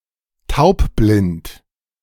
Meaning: deafblind
- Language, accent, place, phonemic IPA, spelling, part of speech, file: German, Germany, Berlin, /ˈtaʊ̯pˌblɪnt/, taubblind, adjective, De-taubblind.ogg